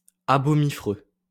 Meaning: abominable and repulsive
- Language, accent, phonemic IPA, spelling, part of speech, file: French, France, /a.bɔ.mi.fʁø/, abomiffreux, adjective, LL-Q150 (fra)-abomiffreux.wav